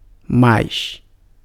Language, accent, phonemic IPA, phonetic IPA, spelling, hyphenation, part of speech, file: Portuguese, Brazil, /ˈmajs/, [ˈmaɪ̯s], mais, mais, adverb / conjunction / noun, Pt-mais.ogg
- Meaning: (adverb) 1. used to form the comparative of adjectives and adverbs; more; -er 2. preceded by the definitive article, used to form the superlative of adjectives and adverbs; most; -est